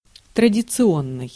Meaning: traditional
- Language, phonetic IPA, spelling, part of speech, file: Russian, [trədʲɪt͡sɨˈonːɨj], традиционный, adjective, Ru-традиционный.ogg